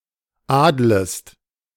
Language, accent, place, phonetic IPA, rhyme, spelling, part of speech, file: German, Germany, Berlin, [ˈaːdləst], -aːdləst, adlest, verb, De-adlest.ogg
- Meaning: second-person singular subjunctive I of adeln